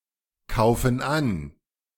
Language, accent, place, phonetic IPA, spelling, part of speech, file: German, Germany, Berlin, [ˌkaʊ̯fn̩ ˈan], kaufen an, verb, De-kaufen an.ogg
- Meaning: inflection of ankaufen: 1. first/third-person plural present 2. first/third-person plural subjunctive I